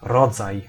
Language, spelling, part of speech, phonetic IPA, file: Polish, rodzaj, noun, [ˈrɔd͡zaj], Pl-rodzaj.ogg